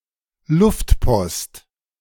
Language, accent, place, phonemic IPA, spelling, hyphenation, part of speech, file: German, Germany, Berlin, /ˈlʊftˌpɔst/, Luftpost, Luft‧post, noun, De-Luftpost.ogg
- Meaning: 1. airmail (postal system) 2. airmail (item delivered by this postal system)